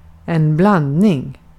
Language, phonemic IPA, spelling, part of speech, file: Swedish, /²blandˌniŋ/, blandning, noun, Sv-blandning.ogg
- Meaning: 1. mixing 2. blend, mixture 3. compound 4. cross